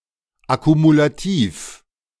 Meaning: accumulative
- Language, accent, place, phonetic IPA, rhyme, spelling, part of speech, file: German, Germany, Berlin, [akumulaˈtiːf], -iːf, akkumulativ, adjective, De-akkumulativ.ogg